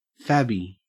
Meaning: fabulous, very good, excellent
- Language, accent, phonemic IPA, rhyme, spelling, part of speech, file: English, Australia, /ˈfæb.i/, -æbi, fabby, adjective, En-au-fabby.ogg